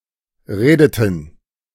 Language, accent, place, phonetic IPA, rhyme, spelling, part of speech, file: German, Germany, Berlin, [ˈʁeːdətn̩], -eːdətn̩, redeten, verb, De-redeten.ogg
- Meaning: inflection of reden: 1. first/third-person plural preterite 2. first/third-person plural subjunctive II